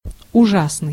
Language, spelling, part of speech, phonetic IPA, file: Russian, ужасный, adjective, [ʊˈʐasnɨj], Ru-ужасный.ogg
- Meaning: 1. terrible, horrible, dreadful, awful (in senses of either inducing fear or very unpleasant) 2. terrific, terrible, frightful